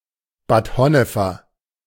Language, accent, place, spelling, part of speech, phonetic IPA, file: German, Germany, Berlin, Bad Honnefer, adjective, [baːt ˈhɔnəfɐ], De-Bad Honnefer.ogg
- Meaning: of Bad Honnef